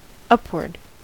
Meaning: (adverb) 1. In a direction from lower to higher; toward a higher place; in a course toward the source or origin 2. In the upper parts; above 3. Yet more; indefinitely more; above; over
- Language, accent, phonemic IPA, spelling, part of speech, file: English, US, /ˈʌpwɚd/, upward, adverb / noun / adjective, En-us-upward.ogg